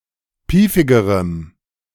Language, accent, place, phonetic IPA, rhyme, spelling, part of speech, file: German, Germany, Berlin, [ˈpiːfɪɡəʁəm], -iːfɪɡəʁəm, piefigerem, adjective, De-piefigerem.ogg
- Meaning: strong dative masculine/neuter singular comparative degree of piefig